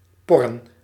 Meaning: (verb) to prod, prick, poke; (noun) plural of por
- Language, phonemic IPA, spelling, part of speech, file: Dutch, /ˈpɔ.rə(n)/, porren, verb / noun, Nl-porren.ogg